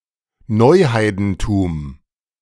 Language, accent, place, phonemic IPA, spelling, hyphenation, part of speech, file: German, Germany, Berlin, /ˈnɔɪ̯ˌhaɪ̯dn̩tuːm/, Neuheidentum, Neu‧hei‧den‧tum, noun, De-Neuheidentum.ogg
- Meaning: neopaganism